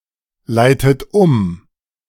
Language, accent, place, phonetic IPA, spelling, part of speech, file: German, Germany, Berlin, [ˌlaɪ̯tət ˈʊm], leitet um, verb, De-leitet um.ogg
- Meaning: inflection of umleiten: 1. third-person singular present 2. second-person plural present 3. second-person plural subjunctive I 4. plural imperative